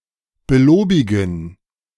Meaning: to commend
- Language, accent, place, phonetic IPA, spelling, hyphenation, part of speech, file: German, Germany, Berlin, [bəˈloːbɪɡn̩], belobigen, be‧lo‧bi‧gen, verb, De-belobigen.ogg